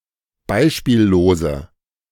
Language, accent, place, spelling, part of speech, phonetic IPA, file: German, Germany, Berlin, beispiellose, adjective, [ˈbaɪ̯ʃpiːlloːzə], De-beispiellose.ogg
- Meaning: inflection of beispiellos: 1. strong/mixed nominative/accusative feminine singular 2. strong nominative/accusative plural 3. weak nominative all-gender singular